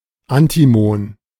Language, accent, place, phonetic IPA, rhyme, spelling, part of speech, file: German, Germany, Berlin, [antiˈmoːn], -oːn, Antimon, noun, De-Antimon.ogg
- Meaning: antimony